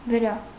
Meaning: on, upon, over
- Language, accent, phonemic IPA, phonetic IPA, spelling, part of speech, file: Armenian, Eastern Armenian, /vəˈɾɑ/, [vəɾɑ́], վրա, postposition, Hy-վրա.ogg